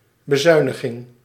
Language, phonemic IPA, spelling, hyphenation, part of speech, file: Dutch, /bəˈzœy̯.nəˌɣɪŋ/, bezuiniging, be‧zui‧ni‧ging, noun, Nl-bezuiniging.ogg
- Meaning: 1. the action of cutting spending 2. budget cut